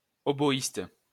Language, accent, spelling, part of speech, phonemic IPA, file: French, France, hautboïste, noun, /o.bɔ.ist/, LL-Q150 (fra)-hautboïste.wav
- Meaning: oboist